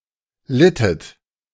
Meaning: inflection of leiden: 1. second-person plural preterite 2. second-person plural subjunctive II
- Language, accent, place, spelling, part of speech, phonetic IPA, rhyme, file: German, Germany, Berlin, littet, verb, [ˈlɪtət], -ɪtət, De-littet.ogg